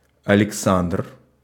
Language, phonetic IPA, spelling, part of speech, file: Russian, [ɐlʲɪkˈsandr], Александр, proper noun, Ru-Александр.ogg
- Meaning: a male given name, equivalent to English Alexander